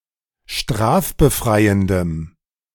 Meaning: strong dative masculine/neuter singular of strafbefreiend
- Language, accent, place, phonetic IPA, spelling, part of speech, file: German, Germany, Berlin, [ˈʃtʁaːfbəˌfʁaɪ̯əndəm], strafbefreiendem, adjective, De-strafbefreiendem.ogg